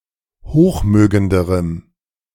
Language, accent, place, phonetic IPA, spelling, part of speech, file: German, Germany, Berlin, [ˈhoːxˌmøːɡəndəʁəm], hochmögenderem, adjective, De-hochmögenderem.ogg
- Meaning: strong dative masculine/neuter singular comparative degree of hochmögend